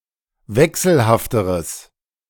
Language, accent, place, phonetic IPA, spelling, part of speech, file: German, Germany, Berlin, [ˈvɛksl̩haftəʁəs], wechselhafteres, adjective, De-wechselhafteres.ogg
- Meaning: strong/mixed nominative/accusative neuter singular comparative degree of wechselhaft